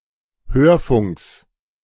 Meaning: genitive singular of Hörfunk
- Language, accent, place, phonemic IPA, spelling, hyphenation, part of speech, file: German, Germany, Berlin, /ˈhøːɐ̯ˌfʊŋks/, Hörfunks, Hör‧funks, noun, De-Hörfunks.ogg